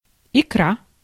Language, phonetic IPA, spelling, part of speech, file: Russian, [ɪˈkra], икра, noun, Ru-икра.ogg
- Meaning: 1. roe, spawn (of fish), also small eggs of frogs or other amphibia 2. caviar (as food) 3. paste (dish of mushrooms or vegetables minced into small particles)